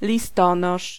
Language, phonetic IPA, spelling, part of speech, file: Polish, [lʲiˈstɔ̃nɔʃ], listonosz, noun, Pl-listonosz.ogg